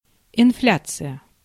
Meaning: inflation (increase in prices)
- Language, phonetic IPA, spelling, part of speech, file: Russian, [ɪnˈflʲat͡sɨjə], инфляция, noun, Ru-инфляция.ogg